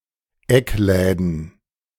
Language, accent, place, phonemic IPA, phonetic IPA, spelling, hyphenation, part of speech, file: German, Germany, Berlin, /ˈɛkˌlɛːdən/, [ˈɛkˌlɛːdn̩], Eckläden, Eck‧lä‧den, noun, De-Eckläden.ogg
- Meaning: plural of Eckladen